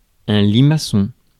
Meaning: 1. snail 2. spiral staircase 3. cochlea
- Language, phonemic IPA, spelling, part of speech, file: French, /li.ma.sɔ̃/, limaçon, noun, Fr-limaçon.ogg